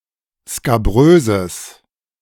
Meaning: strong/mixed nominative/accusative neuter singular of skabrös
- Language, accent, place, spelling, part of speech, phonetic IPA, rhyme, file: German, Germany, Berlin, skabröses, adjective, [skaˈbʁøːzəs], -øːzəs, De-skabröses.ogg